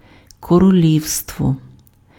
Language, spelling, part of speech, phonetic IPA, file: Ukrainian, королівство, noun, [kɔroˈlʲiu̯stwɔ], Uk-королівство.ogg
- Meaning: kingdom